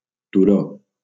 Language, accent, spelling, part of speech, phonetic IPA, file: Catalan, Valencia, turó, noun, [tuˈɾo], LL-Q7026 (cat)-turó.wav
- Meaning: 1. hill (elevated location) 2. ferret; polecat; weasel